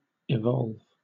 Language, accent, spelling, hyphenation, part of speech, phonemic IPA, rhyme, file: English, Southern England, evolve, e‧volve, verb, /ɪˈvɒlv/, -ɒlv, LL-Q1860 (eng)-evolve.wav
- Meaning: 1. To move (something) in regular procession through a system 2. To change or transform (something) 3. To cause (something) to come into being or develop